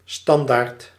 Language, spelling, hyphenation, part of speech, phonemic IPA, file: Dutch, standaard, stan‧daard, adjective / adverb / noun, /ˈstɑn.daːrt/, Nl-standaard.ogg
- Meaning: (adjective) standard; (adverb) by default; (noun) 1. standard, norm 2. standard unit 3. a banner, a standard 4. a stand, support (e.g. to keep a bicycle standing upright)